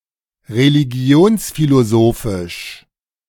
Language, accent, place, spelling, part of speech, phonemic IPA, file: German, Germany, Berlin, religionsphilosophisch, adjective, /ʁeliˈɡi̯oːnsfiloˌzoːfɪʃ/, De-religionsphilosophisch.ogg
- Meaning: religious philosophy